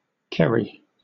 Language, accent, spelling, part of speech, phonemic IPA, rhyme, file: English, Southern England, Kerry, proper noun / noun, /ˈkɛɹi/, -ɛɹi, LL-Q1860 (eng)-Kerry.wav
- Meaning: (proper noun) 1. A county of Ireland. County seat: Tralee 2. A village and community in Powys, Wales, originally in Montgomeryshire (OS grid ref SO1489). Welsh spelling: Ceri